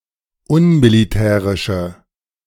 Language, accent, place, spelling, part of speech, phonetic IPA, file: German, Germany, Berlin, unmilitärische, adjective, [ˈʊnmiliˌtɛːʁɪʃə], De-unmilitärische.ogg
- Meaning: inflection of unmilitärisch: 1. strong/mixed nominative/accusative feminine singular 2. strong nominative/accusative plural 3. weak nominative all-gender singular